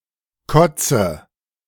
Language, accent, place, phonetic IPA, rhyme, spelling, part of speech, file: German, Germany, Berlin, [ˈkɔt͡sə], -ɔt͡sə, kotze, verb, De-kotze.ogg
- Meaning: inflection of kotzen: 1. first-person singular present 2. first/third-person singular subjunctive I 3. singular imperative